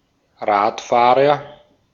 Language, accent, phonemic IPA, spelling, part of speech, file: German, Austria, /ˈʁa(ː)tˌfaːʁɐ/, Radfahrer, noun, De-at-Radfahrer.ogg
- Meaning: 1. agent noun of Rad fahren: cyclist 2. someone who is meek towards their superiors and despotic towards their inferiors